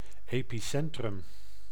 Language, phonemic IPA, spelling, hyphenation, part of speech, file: Dutch, /ˌeː.piˈsɛn.trʏm/, epicentrum, epi‧cen‧trum, noun, Nl-epicentrum.ogg
- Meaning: epicentre, point above an earthquake's centre